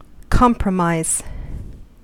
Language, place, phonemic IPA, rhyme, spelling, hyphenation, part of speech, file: English, California, /ˈkɑmpɹəˌmaɪz/, -aɪz, compromise, com‧pro‧mise, noun / verb, En-us-compromise.ogg
- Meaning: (noun) 1. The settlement of differences by arbitration or by consent reached by mutual concessions 2. A committal to something derogatory or objectionable; a prejudicial concession; a surrender